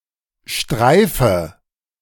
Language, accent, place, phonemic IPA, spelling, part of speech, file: German, Germany, Berlin, /ˈʃtʁaɪ̯fə/, Streife, noun, De-Streife.ogg
- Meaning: patrol (-man)